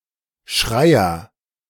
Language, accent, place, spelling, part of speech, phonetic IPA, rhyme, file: German, Germany, Berlin, Schreier, noun, [ˈʃʁaɪ̯ɐ], -aɪ̯ɐ, De-Schreier.ogg
- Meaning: agent noun of schreien: 1. crier 2. screamer, shouter, yeller